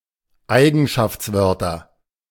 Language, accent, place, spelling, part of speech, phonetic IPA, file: German, Germany, Berlin, Eigenschaftswörter, noun, [ˈaɪ̯ɡn̩ʃaft͡sˌvœʁtɐ], De-Eigenschaftswörter.ogg
- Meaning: genitive singular of Eigenschaftswort